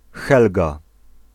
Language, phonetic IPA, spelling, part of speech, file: Polish, [ˈxɛlɡa], Helga, proper noun, Pl-Helga.ogg